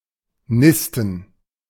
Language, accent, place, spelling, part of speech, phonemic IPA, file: German, Germany, Berlin, nisten, verb, /ˈnɪstn̩/, De-nisten.ogg
- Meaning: to nest